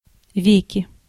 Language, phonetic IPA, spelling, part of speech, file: Russian, [ˈvʲekʲɪ], веки, noun, Ru-веки.ogg
- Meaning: 1. nominative/accusative plural of ве́ко (véko); eyelids 2. nominative/accusative plural of век (vek); centuries